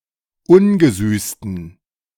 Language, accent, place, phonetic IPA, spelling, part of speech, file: German, Germany, Berlin, [ˈʊnɡəˌzyːstn̩], ungesüßten, adjective, De-ungesüßten.ogg
- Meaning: inflection of ungesüßt: 1. strong genitive masculine/neuter singular 2. weak/mixed genitive/dative all-gender singular 3. strong/weak/mixed accusative masculine singular 4. strong dative plural